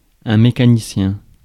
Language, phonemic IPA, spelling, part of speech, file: French, /me.ka.ni.sjɛ̃/, mécanicien, noun, Fr-mécanicien.ogg
- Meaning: 1. mechanic (a skilled worker capable of building or repairing machinery) 2. train driver